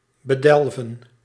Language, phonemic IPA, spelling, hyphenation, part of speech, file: Dutch, /bəˈdɛlvə(n)/, bedelven, be‧del‧ven, verb, Nl-bedelven.ogg
- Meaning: 1. to bury, to cover with earth 2. to overwhelm